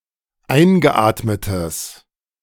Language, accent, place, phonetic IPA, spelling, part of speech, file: German, Germany, Berlin, [ˈaɪ̯nɡəˌʔaːtmətəs], eingeatmetes, adjective, De-eingeatmetes.ogg
- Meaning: strong/mixed nominative/accusative neuter singular of eingeatmet